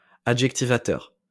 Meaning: adjectivizing
- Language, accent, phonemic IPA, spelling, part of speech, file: French, France, /a.dʒɛk.ti.va.tœʁ/, adjectivateur, adjective, LL-Q150 (fra)-adjectivateur.wav